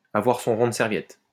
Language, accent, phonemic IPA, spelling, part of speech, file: French, France, /a.vwaʁ sɔ̃ ʁɔ̃ d(ə) sɛʁ.vjɛt/, avoir son rond de serviette, verb, LL-Q150 (fra)-avoir son rond de serviette.wav
- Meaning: to be a regular (somewhere, especially in a restaurant)